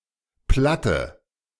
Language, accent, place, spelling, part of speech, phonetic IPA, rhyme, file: German, Germany, Berlin, platte, adjective, [ˈplatə], -atə, De-platte.ogg
- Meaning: inflection of platt: 1. strong/mixed nominative/accusative feminine singular 2. strong nominative/accusative plural 3. weak nominative all-gender singular 4. weak accusative feminine/neuter singular